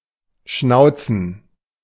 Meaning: to bark (speak aggressively)
- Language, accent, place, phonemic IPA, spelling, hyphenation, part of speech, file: German, Germany, Berlin, /ˈʃnaʊ̯t͡sn̩/, schnauzen, schnau‧zen, verb, De-schnauzen.ogg